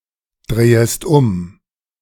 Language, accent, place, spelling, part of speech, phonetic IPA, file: German, Germany, Berlin, drehest um, verb, [ˌdʁeːəst ˈʊm], De-drehest um.ogg
- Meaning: second-person singular subjunctive I of umdrehen